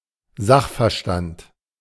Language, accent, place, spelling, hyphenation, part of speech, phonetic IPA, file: German, Germany, Berlin, Sachverstand, Sach‧ver‧stand, noun, [ˈzaxfɛɐ̯ˌʃtant], De-Sachverstand.ogg
- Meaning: expertise